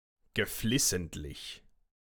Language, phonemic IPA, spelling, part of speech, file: German, /ɡəˈflɪsn̩tlɪç/, geflissentlich, adjective, De-geflissentlich.ogg
- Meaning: 1. deliberate, intentional 2. assiduous, diligent, conscientious